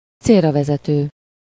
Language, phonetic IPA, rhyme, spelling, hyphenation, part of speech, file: Hungarian, [ˈt͡seːrːɒvɛzɛtøː], -tøː, célravezető, cél‧ra‧ve‧ze‧tő, adjective, Hu-célravezető.ogg
- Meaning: expedient, effective (suitable to effect some desired end or the purpose intended)